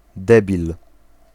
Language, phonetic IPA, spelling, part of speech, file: Polish, [ˈdɛbʲil], debil, noun, Pl-debil.ogg